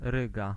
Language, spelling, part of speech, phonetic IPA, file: Polish, Ryga, proper noun, [ˈrɨɡa], Pl-Ryga.ogg